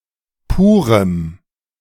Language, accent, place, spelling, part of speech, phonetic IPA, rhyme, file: German, Germany, Berlin, purem, adjective, [ˈpuːʁəm], -uːʁəm, De-purem.ogg
- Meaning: strong dative masculine/neuter singular of pur